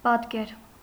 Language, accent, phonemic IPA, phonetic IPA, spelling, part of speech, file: Armenian, Eastern Armenian, /pɑtˈkeɾ/, [pɑtkéɾ], պատկեր, noun, Hy-պատկեր.ogg
- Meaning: 1. portrait; picture; likeness, resemblance, image 2. figure, shape 3. icon